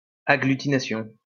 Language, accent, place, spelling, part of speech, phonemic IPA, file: French, France, Lyon, agglutination, noun, /a.ɡly.ti.na.sjɔ̃/, LL-Q150 (fra)-agglutination.wav
- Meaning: agglutination